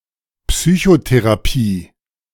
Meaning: psychotherapy
- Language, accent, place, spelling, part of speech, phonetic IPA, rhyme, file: German, Germany, Berlin, Psychotherapie, noun, [ˌpsyçoteʁaˈpiː], -iː, De-Psychotherapie.ogg